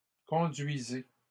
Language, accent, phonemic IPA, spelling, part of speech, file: French, Canada, /kɔ̃.dɥi.ze/, conduisez, verb, LL-Q150 (fra)-conduisez.wav
- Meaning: inflection of conduire: 1. second-person plural present indicative 2. second-person plural imperative